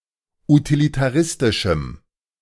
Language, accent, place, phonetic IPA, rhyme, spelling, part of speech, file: German, Germany, Berlin, [utilitaˈʁɪstɪʃm̩], -ɪstɪʃm̩, utilitaristischem, adjective, De-utilitaristischem.ogg
- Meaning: strong dative masculine/neuter singular of utilitaristisch